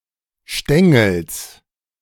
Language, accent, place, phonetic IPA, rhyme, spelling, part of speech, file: German, Germany, Berlin, [ˈʃtɛŋl̩s], -ɛŋl̩s, Stängels, noun, De-Stängels.ogg
- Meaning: genitive singular of Stängel